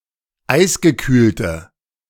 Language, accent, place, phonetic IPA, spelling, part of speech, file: German, Germany, Berlin, [ˈaɪ̯sɡəˌkyːltə], eisgekühlte, adjective, De-eisgekühlte.ogg
- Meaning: inflection of eisgekühlt: 1. strong/mixed nominative/accusative feminine singular 2. strong nominative/accusative plural 3. weak nominative all-gender singular